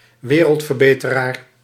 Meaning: 1. social reformer 2. do-gooder
- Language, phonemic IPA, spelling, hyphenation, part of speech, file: Dutch, /ˈʋeː.rəlt.vərˌbeː.tə.raːr/, wereldverbeteraar, we‧reld‧ver‧be‧te‧raar, noun, Nl-wereldverbeteraar.ogg